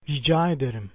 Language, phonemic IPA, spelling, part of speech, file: Turkish, /ɾiˈd͡ʒaː e.de.ɾim/, rica ederim, phrase, Rica ederim.ogg
- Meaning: 1. Used to make a kind request; please 2. you're welcome